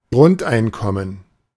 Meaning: basic income
- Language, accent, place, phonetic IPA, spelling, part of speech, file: German, Germany, Berlin, [ˈɡʁʊntʔaɪ̯nˌkɔmən], Grundeinkommen, noun, De-Grundeinkommen.ogg